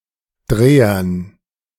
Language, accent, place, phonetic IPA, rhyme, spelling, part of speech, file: German, Germany, Berlin, [ˈdʁeːɐn], -eːɐn, Drehern, noun, De-Drehern.ogg
- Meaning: dative plural of Dreher